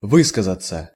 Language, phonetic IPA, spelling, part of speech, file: Russian, [ˈvɨskəzət͡sə], высказаться, verb, Ru-высказаться.ogg
- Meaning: 1. to express oneself, to express one's opinion 2. passive of вы́сказать (výskazatʹ)